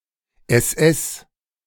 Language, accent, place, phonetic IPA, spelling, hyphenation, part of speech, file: German, Germany, Berlin, [ˌɛs.ˈʔɛs], SS, SS, symbol / noun, De-SS.ogg
- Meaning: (symbol) One of the official capital forms of ß (the other one is ẞ), or ss used in Swiss and Liechtenstein German, or once ſs (in Antiqua); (noun) abbreviation of Schutzstaffel